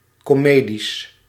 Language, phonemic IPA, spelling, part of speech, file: Dutch, /koˈmedis/, komedies, noun, Nl-komedies.ogg
- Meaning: plural of komedie